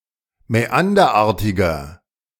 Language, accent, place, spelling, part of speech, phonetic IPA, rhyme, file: German, Germany, Berlin, mäanderartiger, adjective, [mɛˈandɐˌʔaːɐ̯tɪɡɐ], -andɐʔaːɐ̯tɪɡɐ, De-mäanderartiger.ogg
- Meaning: inflection of mäanderartig: 1. strong/mixed nominative masculine singular 2. strong genitive/dative feminine singular 3. strong genitive plural